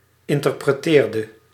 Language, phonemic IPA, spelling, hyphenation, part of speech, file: Dutch, /ɪntərprəˈteːrdə/, interpreteerde, in‧ter‧pre‧teer‧de, verb, Nl-interpreteerde.ogg
- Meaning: inflection of interpreteren: 1. singular past indicative 2. singular past subjunctive